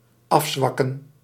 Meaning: 1. to weaken 2. to subside, to quiet down, to slow down 3. to relax (requirement or rule)
- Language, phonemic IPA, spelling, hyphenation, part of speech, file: Dutch, /ˈɑfˌsʋɑkə(n)/, afzwakken, af‧zwak‧ken, verb, Nl-afzwakken.ogg